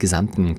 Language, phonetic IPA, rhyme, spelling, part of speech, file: German, [ɡəˈzamtn̩], -amtn̩, gesamten, adjective, De-gesamten.ogg
- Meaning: inflection of gesamt: 1. strong genitive masculine/neuter singular 2. weak/mixed genitive/dative all-gender singular 3. strong/weak/mixed accusative masculine singular 4. strong dative plural